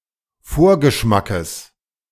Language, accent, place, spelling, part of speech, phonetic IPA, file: German, Germany, Berlin, Vorgeschmackes, noun, [ˈfoːɐ̯ɡəˌʃmakəs], De-Vorgeschmackes.ogg
- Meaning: genitive singular of Vorgeschmack